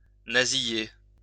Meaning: to nasalise, nasalize
- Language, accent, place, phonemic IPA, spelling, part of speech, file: French, France, Lyon, /na.zi.je/, nasiller, verb, LL-Q150 (fra)-nasiller.wav